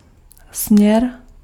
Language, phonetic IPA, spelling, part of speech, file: Czech, [ˈsm̩ɲɛr], směr, noun, Cs-směr.ogg
- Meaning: direction (like left and right)